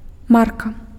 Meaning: 1. brand 2. stamp, label 3. mark (former currency of Germany)
- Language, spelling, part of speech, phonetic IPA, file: Belarusian, марка, noun, [ˈmarka], Be-марка.ogg